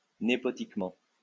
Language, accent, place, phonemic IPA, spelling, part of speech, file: French, France, Lyon, /ne.pɔ.tik.mɑ̃/, népotiquement, adverb, LL-Q150 (fra)-népotiquement.wav
- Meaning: nepotically, nepotistically